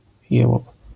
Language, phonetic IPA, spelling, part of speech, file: Polish, [ˈjɛwɔp], jełop, noun, LL-Q809 (pol)-jełop.wav